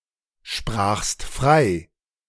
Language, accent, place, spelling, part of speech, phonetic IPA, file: German, Germany, Berlin, sprachst frei, verb, [ˌʃpʁaːxst ˈfʁaɪ̯], De-sprachst frei.ogg
- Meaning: second-person singular preterite of freisprechen